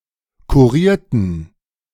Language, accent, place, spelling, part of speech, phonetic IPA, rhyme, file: German, Germany, Berlin, kurierten, adjective / verb, [kuˈʁiːɐ̯tn̩], -iːɐ̯tn̩, De-kurierten.ogg
- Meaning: inflection of kurieren: 1. first/third-person plural preterite 2. first/third-person plural subjunctive II